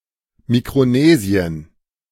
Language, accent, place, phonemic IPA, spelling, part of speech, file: German, Germany, Berlin, /ˌmikʁoˈneːzi̯ən/, Mikronesien, proper noun, De-Mikronesien.ogg
- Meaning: Micronesia (a continental region in Oceania in the northwestern Pacific Ocean consisting of around 2,000 small islands)